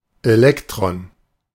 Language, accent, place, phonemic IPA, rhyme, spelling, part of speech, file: German, Germany, Berlin, /ˈe(ː)lɛktʁɔn/, -ɔn, Elektron, noun, De-Elektron2.ogg
- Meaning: 1. electron 2. electrum